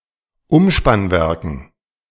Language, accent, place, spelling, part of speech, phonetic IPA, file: German, Germany, Berlin, Umspannwerken, noun, [ˈʊmʃpanˌvɛʁkn̩], De-Umspannwerken.ogg
- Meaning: dative plural of Umspannwerk